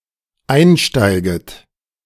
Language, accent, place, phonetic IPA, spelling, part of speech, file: German, Germany, Berlin, [ˈaɪ̯nˌʃtaɪ̯ɡət], einsteiget, verb, De-einsteiget.ogg
- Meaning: second-person plural dependent subjunctive I of einsteigen